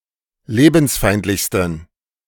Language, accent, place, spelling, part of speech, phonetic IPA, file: German, Germany, Berlin, lebensfeindlichsten, adjective, [ˈleːbn̩sˌfaɪ̯ntlɪçstn̩], De-lebensfeindlichsten.ogg
- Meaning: 1. superlative degree of lebensfeindlich 2. inflection of lebensfeindlich: strong genitive masculine/neuter singular superlative degree